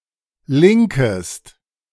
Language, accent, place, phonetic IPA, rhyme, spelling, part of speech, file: German, Germany, Berlin, [ˈlɪŋkəst], -ɪŋkəst, linkest, verb, De-linkest.ogg
- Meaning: second-person singular subjunctive I of linken